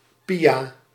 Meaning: a female given name
- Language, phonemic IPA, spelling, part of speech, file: Dutch, /ˈpi.aː/, Pia, proper noun, Nl-Pia.ogg